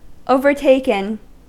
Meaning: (verb) past participle of overtake; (adjective) 1. Taken by surprise; overcome 2. drunk; intoxicated
- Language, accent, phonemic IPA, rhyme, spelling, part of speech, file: English, US, /ˈəʊvəɹteɪkən/, -eɪkən, overtaken, verb / adjective, En-us-overtaken.ogg